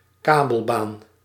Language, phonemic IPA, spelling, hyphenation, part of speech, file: Dutch, /ˈkaː.bəlˌbaːn/, kabelbaan, ka‧bel‧baan, noun, Nl-kabelbaan.ogg
- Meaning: 1. cable car (hanging) 2. cable ride, flying fox, zipline (also as a playground device)